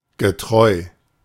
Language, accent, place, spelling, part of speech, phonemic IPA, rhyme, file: German, Germany, Berlin, getreu, adjective / preposition, /ɡəˈtʁɔɪ̯/, -ɔɪ̯, De-getreu.ogg
- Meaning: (adjective) accurate, faithful, true to; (preposition) true to